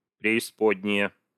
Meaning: nominative/accusative plural of преиспо́дняя (preispódnjaja)
- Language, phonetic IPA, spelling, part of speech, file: Russian, [prʲɪɪˈspodʲnʲɪje], преисподние, noun, Ru-преисподние.ogg